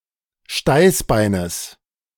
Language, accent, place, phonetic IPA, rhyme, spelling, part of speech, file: German, Germany, Berlin, [ˈʃtaɪ̯sˌbaɪ̯nəs], -aɪ̯sbaɪ̯nəs, Steißbeines, noun, De-Steißbeines.ogg
- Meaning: genitive singular of Steißbein